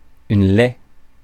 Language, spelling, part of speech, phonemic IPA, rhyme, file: French, laie, adjective / noun / verb, /lɛ/, -ɛ, Fr-laie.ogg
- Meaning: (adjective) feminine singular of lai (“lay”); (noun) 1. female boar; wild sow 2. woodway 3. box